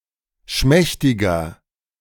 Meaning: 1. comparative degree of schmächtig 2. inflection of schmächtig: strong/mixed nominative masculine singular 3. inflection of schmächtig: strong genitive/dative feminine singular
- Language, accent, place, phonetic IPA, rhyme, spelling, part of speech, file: German, Germany, Berlin, [ˈʃmɛçtɪɡɐ], -ɛçtɪɡɐ, schmächtiger, adjective, De-schmächtiger.ogg